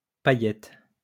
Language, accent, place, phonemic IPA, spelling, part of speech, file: French, France, Lyon, /pa.jɛt/, paillette, noun, LL-Q150 (fra)-paillette.wav
- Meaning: sequin